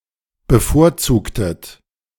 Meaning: inflection of bevorzugen: 1. second-person plural preterite 2. second-person plural subjunctive II
- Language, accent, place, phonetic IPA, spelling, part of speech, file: German, Germany, Berlin, [bəˈfoːɐ̯ˌt͡suːktət], bevorzugtet, verb, De-bevorzugtet.ogg